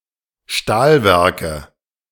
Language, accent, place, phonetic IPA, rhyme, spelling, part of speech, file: German, Germany, Berlin, [ˈʃtaːlˌvɛʁkə], -aːlvɛʁkə, Stahlwerke, noun, De-Stahlwerke.ogg
- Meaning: nominative/accusative/genitive plural of Stahlwerk